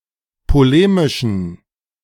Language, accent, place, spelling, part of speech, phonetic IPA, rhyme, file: German, Germany, Berlin, polemischen, adjective, [poˈleːmɪʃn̩], -eːmɪʃn̩, De-polemischen.ogg
- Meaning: inflection of polemisch: 1. strong genitive masculine/neuter singular 2. weak/mixed genitive/dative all-gender singular 3. strong/weak/mixed accusative masculine singular 4. strong dative plural